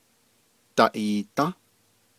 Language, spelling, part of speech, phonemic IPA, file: Navajo, daʼiidą́, verb, /tɑ̀ʔìːtɑ̃́/, Nv-daʼiidą́.ogg
- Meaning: first-person plural durative of ayą́